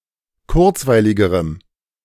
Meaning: strong dative masculine/neuter singular comparative degree of kurzweilig
- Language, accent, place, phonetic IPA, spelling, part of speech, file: German, Germany, Berlin, [ˈkʊʁt͡svaɪ̯lɪɡəʁəm], kurzweiligerem, adjective, De-kurzweiligerem.ogg